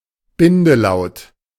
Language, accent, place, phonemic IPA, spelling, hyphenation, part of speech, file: German, Germany, Berlin, /ˈbɪndəˌlaʊ̯t/, Bindelaut, Bin‧de‧laut, noun, De-Bindelaut.ogg
- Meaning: offglide